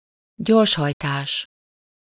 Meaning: speeding (driving faster than the legal speed limit)
- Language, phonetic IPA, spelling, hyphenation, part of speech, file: Hungarian, [ˈɟorʃhɒjtaːʃ], gyorshajtás, gyors‧haj‧tás, noun, Hu-gyorshajtás.ogg